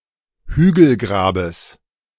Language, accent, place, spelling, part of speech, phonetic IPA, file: German, Germany, Berlin, Hügelgrabes, noun, [ˈhyːɡl̩ˌɡʁaːbəs], De-Hügelgrabes.ogg
- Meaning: genitive singular of Hügelgrab